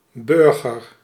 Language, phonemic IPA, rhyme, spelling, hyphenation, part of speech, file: Dutch, /ˈbʏr.ɣər/, -ʏrɣər, burger, bur‧ger, noun, Nl-burger.ogg
- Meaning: 1. citizen, civilian 2. middle-class or bourgeois person, burgher 3. a burger; a hamburger or similar type of fast food, typically but not necessarily containing meat